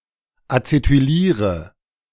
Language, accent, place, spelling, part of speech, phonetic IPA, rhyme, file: German, Germany, Berlin, acetyliere, verb, [at͡setyˈliːʁə], -iːʁə, De-acetyliere.ogg
- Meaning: inflection of acetylieren: 1. first-person singular present 2. first/third-person singular subjunctive I 3. singular imperative